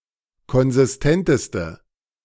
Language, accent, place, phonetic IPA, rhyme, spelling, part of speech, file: German, Germany, Berlin, [kɔnzɪsˈtɛntəstə], -ɛntəstə, konsistenteste, adjective, De-konsistenteste.ogg
- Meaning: inflection of konsistent: 1. strong/mixed nominative/accusative feminine singular superlative degree 2. strong nominative/accusative plural superlative degree